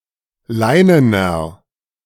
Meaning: inflection of leinen: 1. strong/mixed nominative masculine singular 2. strong genitive/dative feminine singular 3. strong genitive plural
- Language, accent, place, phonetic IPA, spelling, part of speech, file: German, Germany, Berlin, [ˈlaɪ̯nənɐ], leinener, adjective, De-leinener.ogg